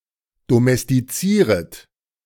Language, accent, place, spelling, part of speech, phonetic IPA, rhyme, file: German, Germany, Berlin, domestizieret, verb, [domɛstiˈt͡siːʁət], -iːʁət, De-domestizieret.ogg
- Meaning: second-person plural subjunctive I of domestizieren